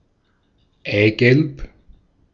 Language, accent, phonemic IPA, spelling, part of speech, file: German, Austria, /ˈaɪ̯ɡɛlp/, Eigelb, noun, De-at-Eigelb.ogg
- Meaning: yolk (usually only in a culinary context)